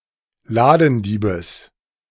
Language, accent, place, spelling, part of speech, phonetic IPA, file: German, Germany, Berlin, Ladendiebes, noun, [ˈlaːdn̩ˌdiːbəs], De-Ladendiebes.ogg
- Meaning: genitive singular of Ladendieb